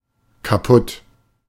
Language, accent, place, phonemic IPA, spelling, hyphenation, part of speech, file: German, Germany, Berlin, /kaˈpʊt/, kaputt, ka‧putt, adjective, De-kaputt.ogg
- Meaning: 1. destroyed, broken, out of order 2. tired, exhausted